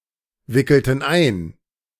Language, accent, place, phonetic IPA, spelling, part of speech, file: German, Germany, Berlin, [ˌvɪkl̩tn̩ ˈaɪ̯n], wickelten ein, verb, De-wickelten ein.ogg
- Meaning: inflection of einwickeln: 1. first/third-person plural preterite 2. first/third-person plural subjunctive II